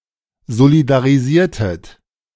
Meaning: inflection of solidarisieren: 1. second-person plural preterite 2. second-person plural subjunctive II
- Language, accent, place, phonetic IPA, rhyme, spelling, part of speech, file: German, Germany, Berlin, [zolidaʁiˈziːɐ̯tət], -iːɐ̯tət, solidarisiertet, verb, De-solidarisiertet.ogg